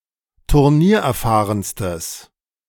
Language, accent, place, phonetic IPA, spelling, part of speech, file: German, Germany, Berlin, [tʊʁˈniːɐ̯ʔɛɐ̯ˌfaːʁənstəs], turniererfahrenstes, adjective, De-turniererfahrenstes.ogg
- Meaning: strong/mixed nominative/accusative neuter singular superlative degree of turniererfahren